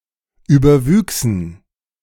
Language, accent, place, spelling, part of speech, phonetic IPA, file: German, Germany, Berlin, überwüchsen, verb, [ˌyːbɐˈvyːksn̩], De-überwüchsen.ogg
- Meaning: first-person plural subjunctive II of überwachsen